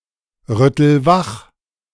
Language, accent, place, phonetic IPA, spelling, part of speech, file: German, Germany, Berlin, [ˌʁʏtl̩ ˈvax], rüttel wach, verb, De-rüttel wach.ogg
- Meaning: inflection of wachrütteln: 1. first-person singular present 2. singular imperative